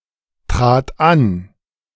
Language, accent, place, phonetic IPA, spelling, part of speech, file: German, Germany, Berlin, [ˌtʁaːt ˈan], trat an, verb, De-trat an.ogg
- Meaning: first/third-person singular preterite of antreten